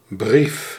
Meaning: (noun) letter (written message); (verb) inflection of briefen: 1. first-person singular present indicative 2. second-person singular present indicative 3. imperative
- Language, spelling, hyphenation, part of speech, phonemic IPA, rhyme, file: Dutch, brief, brief, noun / verb, /brif/, -if, Nl-brief.ogg